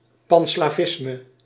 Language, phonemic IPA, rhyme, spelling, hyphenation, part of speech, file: Dutch, /ˌpɑn.slaːˈvɪs.mə/, -ɪsmə, panslavisme, pan‧sla‧vis‧me, noun, Nl-panslavisme.ogg
- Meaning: Pan-Slavism